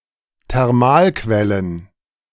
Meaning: plural of Thermalquelle
- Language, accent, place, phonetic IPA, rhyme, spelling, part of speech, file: German, Germany, Berlin, [tɛʁˈmaːlˌkvɛlən], -aːlkvɛlən, Thermalquellen, noun, De-Thermalquellen.ogg